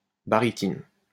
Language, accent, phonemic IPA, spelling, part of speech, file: French, France, /ba.ʁi.tin/, barytine, noun, LL-Q150 (fra)-barytine.wav
- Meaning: alternative form of baryte